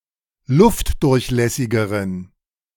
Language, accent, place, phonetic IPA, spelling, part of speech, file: German, Germany, Berlin, [ˈlʊftdʊʁçˌlɛsɪɡəʁən], luftdurchlässigeren, adjective, De-luftdurchlässigeren.ogg
- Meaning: inflection of luftdurchlässig: 1. strong genitive masculine/neuter singular comparative degree 2. weak/mixed genitive/dative all-gender singular comparative degree